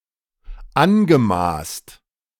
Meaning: past participle of anmaßen
- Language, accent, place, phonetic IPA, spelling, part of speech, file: German, Germany, Berlin, [ˈanɡəˌmaːst], angemaßt, verb, De-angemaßt.ogg